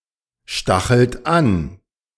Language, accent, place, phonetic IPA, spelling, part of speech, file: German, Germany, Berlin, [ˌʃtaxl̩t ˈan], stachelt an, verb, De-stachelt an.ogg
- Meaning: inflection of anstacheln: 1. third-person singular present 2. second-person plural present 3. plural imperative